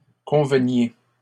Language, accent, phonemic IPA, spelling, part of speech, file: French, Canada, /kɔ̃.və.nje/, conveniez, verb, LL-Q150 (fra)-conveniez.wav
- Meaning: inflection of convenir: 1. second-person plural imperfect indicative 2. second-person plural present subjunctive